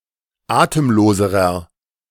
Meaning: inflection of atemlos: 1. strong/mixed nominative masculine singular comparative degree 2. strong genitive/dative feminine singular comparative degree 3. strong genitive plural comparative degree
- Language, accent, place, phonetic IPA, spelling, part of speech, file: German, Germany, Berlin, [ˈaːtəmˌloːzəʁɐ], atemloserer, adjective, De-atemloserer.ogg